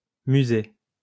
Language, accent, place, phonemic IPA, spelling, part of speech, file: French, France, Lyon, /my.ze/, musées, noun, LL-Q150 (fra)-musées.wav
- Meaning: plural of musée